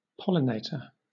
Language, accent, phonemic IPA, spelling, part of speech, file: English, Southern England, /ˈpɒlɪˌneɪtə(ɹ)/, pollinator, noun, LL-Q1860 (eng)-pollinator.wav
- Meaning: 1. the agent that pollinates a plant; often an insect 2. the plant that is the source of pollen for cross-pollination